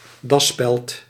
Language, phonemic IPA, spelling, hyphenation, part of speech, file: Dutch, /ˈdɑ.spɛlt/, dasspeld, das‧speld, noun, Nl-dasspeld.ogg
- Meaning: tiepin